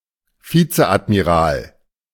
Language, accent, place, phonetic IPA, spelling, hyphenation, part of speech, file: German, Germany, Berlin, [ˈfiːt͡səʔatmiˌʁaːl], Vizeadmiral, Vi‧ze‧ad‧mi‧ral, noun, De-Vizeadmiral.ogg
- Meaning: vice admiral